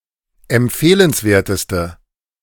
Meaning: inflection of empfehlenswert: 1. strong/mixed nominative/accusative feminine singular superlative degree 2. strong nominative/accusative plural superlative degree
- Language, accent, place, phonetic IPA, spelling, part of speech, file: German, Germany, Berlin, [ɛmˈp͡feːlənsˌveːɐ̯təstə], empfehlenswerteste, adjective, De-empfehlenswerteste.ogg